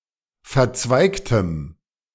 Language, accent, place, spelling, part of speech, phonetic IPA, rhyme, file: German, Germany, Berlin, verzweigtem, adjective, [fɛɐ̯ˈt͡svaɪ̯ktəm], -aɪ̯ktəm, De-verzweigtem.ogg
- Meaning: strong dative masculine/neuter singular of verzweigt